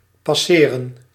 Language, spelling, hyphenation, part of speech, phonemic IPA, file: Dutch, passeren, pas‧se‧ren, verb, /pɑˈseː.rə(n)/, Nl-passeren.ogg
- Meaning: 1. to pass by 2. to happen 3. to pass, to hand over 4. to pass as a white person